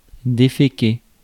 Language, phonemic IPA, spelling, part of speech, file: French, /de.fe.ke/, déféquer, verb, Fr-déféquer.ogg
- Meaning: to defecate